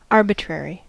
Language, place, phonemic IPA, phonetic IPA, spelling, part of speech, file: English, California, /ˈɑɹ.bɪˌtɹɛɹ.i/, [ˈɑɹ.bɪˌt͡ʃɹ̊ɛɹ.i], arbitrary, adjective / noun, En-us-arbitrary.ogg
- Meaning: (adjective) Based on individual discretion or judgment; not based on any objective distinction, perhaps even made at random